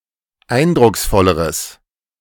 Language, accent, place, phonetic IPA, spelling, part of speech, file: German, Germany, Berlin, [ˈaɪ̯ndʁʊksˌfɔləʁəs], eindrucksvolleres, adjective, De-eindrucksvolleres.ogg
- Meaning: strong/mixed nominative/accusative neuter singular comparative degree of eindrucksvoll